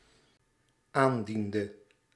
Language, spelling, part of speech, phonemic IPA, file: Dutch, aandiende, verb, /ˈandində/, Nl-aandiende.ogg
- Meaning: inflection of aandienen: 1. singular dependent-clause past indicative 2. singular dependent-clause past subjunctive